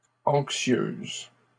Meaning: feminine plural of anxieux
- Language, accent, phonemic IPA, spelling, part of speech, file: French, Canada, /ɑ̃k.sjøz/, anxieuses, adjective, LL-Q150 (fra)-anxieuses.wav